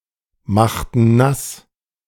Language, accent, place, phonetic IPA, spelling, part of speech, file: German, Germany, Berlin, [ˌmaxtn̩ ˈnas], machten nass, verb, De-machten nass.ogg
- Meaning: inflection of nassmachen: 1. first/third-person plural preterite 2. first/third-person plural subjunctive II